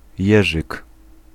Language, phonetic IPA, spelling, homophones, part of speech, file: Polish, [ˈjɛʒɨk], jerzyk, jeżyk, noun, Pl-jerzyk.ogg